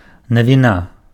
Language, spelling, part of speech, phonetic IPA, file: Belarusian, навіна, noun, [navʲiˈna], Be-навіна.ogg
- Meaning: 1. novelty 2. piece of news